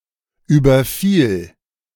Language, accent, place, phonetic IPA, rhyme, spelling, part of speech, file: German, Germany, Berlin, [ˌyːbɐˈfiːl], -iːl, überfiel, verb, De-überfiel.ogg
- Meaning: first/third-person singular preterite of überfallen